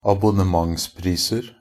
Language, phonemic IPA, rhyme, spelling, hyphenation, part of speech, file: Norwegian Bokmål, /abʊnəˈmaŋspriːsər/, -ər, abonnementspriser, ab‧on‧ne‧ments‧pris‧er, noun, NB - Pronunciation of Norwegian Bokmål «abonnementspriser».ogg
- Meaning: indefinite plural of abonnementspris